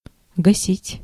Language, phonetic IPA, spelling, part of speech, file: Russian, [ɡɐˈsʲitʲ], гасить, verb, Ru-гасить.ogg
- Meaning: 1. to put out, to extinguish 2. to turn off (light) 3. to cancel (debt); to make invalid 4. to quench 5. to slake (lime) 6. to kill (a ball) 7. to kill, to murder, to waste; to beat